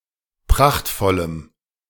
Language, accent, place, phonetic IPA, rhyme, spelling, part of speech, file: German, Germany, Berlin, [ˈpʁaxtfɔləm], -axtfɔləm, prachtvollem, adjective, De-prachtvollem.ogg
- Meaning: strong dative masculine/neuter singular of prachtvoll